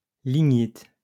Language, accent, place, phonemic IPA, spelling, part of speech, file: French, France, Lyon, /li.ɲit/, lignite, noun, LL-Q150 (fra)-lignite.wav
- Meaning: lignite (type of coal)